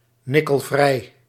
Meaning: nickel-free (not containing nickel)
- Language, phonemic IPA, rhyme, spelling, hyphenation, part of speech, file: Dutch, /ˌnɪ.kəlˈvrɛi̯/, -ɛi̯, nikkelvrij, nik‧kel‧vrij, adjective, Nl-nikkelvrij.ogg